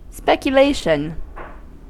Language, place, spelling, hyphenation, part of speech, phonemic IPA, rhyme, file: English, California, speculation, spec‧u‧la‧tion, noun, /ˌspɛk.jəˈleɪ.ʃən/, -eɪʃən, En-us-speculation.ogg
- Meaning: 1. The process or act of thinking or meditating on a subject 2. The act or process of reasoning a priori from premises given or assumed